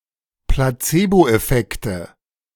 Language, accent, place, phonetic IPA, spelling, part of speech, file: German, Germany, Berlin, [plaˈt͡seːboʔɛˌfɛktə], Placeboeffekte, noun, De-Placeboeffekte.ogg
- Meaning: nominative/accusative/genitive plural of Placeboeffekt